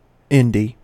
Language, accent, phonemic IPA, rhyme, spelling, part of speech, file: English, US, /ˈɪndi/, -ɪndi, indie, adjective / noun, En-us-indie.ogg
- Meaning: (adjective) Independent; from outside the mainstream; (noun) 1. An independent publisher 2. A work released by an independent publisher